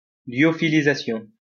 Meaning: Lyophilisation
- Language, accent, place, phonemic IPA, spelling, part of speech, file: French, France, Lyon, /ljɔ.fi.li.za.sjɔ̃/, lyophilisation, noun, LL-Q150 (fra)-lyophilisation.wav